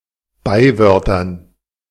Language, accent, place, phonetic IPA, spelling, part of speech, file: German, Germany, Berlin, [ˈbaɪ̯ˌvœʁtɐn], Beiwörtern, noun, De-Beiwörtern.ogg
- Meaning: dative plural of Beiwort